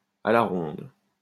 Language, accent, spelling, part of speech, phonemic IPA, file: French, France, à la ronde, adverb, /a la ʁɔ̃d/, LL-Q150 (fra)-à la ronde.wav
- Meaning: around